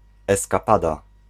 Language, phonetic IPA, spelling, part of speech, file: Polish, [ˌɛskaˈpada], eskapada, noun, Pl-eskapada.ogg